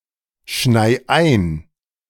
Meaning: 1. singular imperative of einschneien 2. first-person singular present of einschneien
- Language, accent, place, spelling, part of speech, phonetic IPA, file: German, Germany, Berlin, schnei ein, verb, [ˌʃnaɪ̯ ˈaɪ̯n], De-schnei ein.ogg